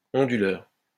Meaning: 1. converter, inverter (of electricity) 2. UPS, uninterruptible power supply, uninterruptible power source
- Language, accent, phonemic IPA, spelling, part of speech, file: French, France, /ɔ̃.dy.lœʁ/, onduleur, noun, LL-Q150 (fra)-onduleur.wav